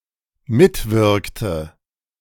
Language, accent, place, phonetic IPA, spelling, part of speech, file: German, Germany, Berlin, [ˈmɪtˌvɪʁktə], mitwirkte, verb, De-mitwirkte.ogg
- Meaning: inflection of mitwirken: 1. first/third-person singular dependent preterite 2. first/third-person singular dependent subjunctive II